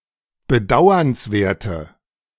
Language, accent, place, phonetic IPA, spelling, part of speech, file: German, Germany, Berlin, [bəˈdaʊ̯ɐnsˌveːɐ̯tə], bedauernswerte, adjective, De-bedauernswerte.ogg
- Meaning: inflection of bedauernswert: 1. strong/mixed nominative/accusative feminine singular 2. strong nominative/accusative plural 3. weak nominative all-gender singular